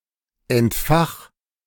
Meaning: 1. singular imperative of entfachen 2. first-person singular present of entfachen
- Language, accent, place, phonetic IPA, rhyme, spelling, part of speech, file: German, Germany, Berlin, [ɛntˈfax], -ax, entfach, verb, De-entfach.ogg